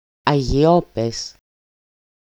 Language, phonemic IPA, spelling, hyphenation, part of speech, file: Greek, /a.ʝiˈo.pes/, αγυιόπαις, α‧γυι‧ό‧παις, noun, EL-αγυιόπαις.ogg
- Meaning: monotonic spelling of ἀγυιόπαις (Katharevousa): See Modern Greek αγυιόπαιδο (agyiópaido, “street urchin”)